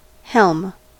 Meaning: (noun) The tiller (or, in a large ship, the wheel) which is used to steer the rudder of a marine vessel; also, the entire steering apparatus of a vessel
- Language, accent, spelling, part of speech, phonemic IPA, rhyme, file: English, General American, helm, noun / verb, /hɛlm/, -ɛlm, En-us-helm.ogg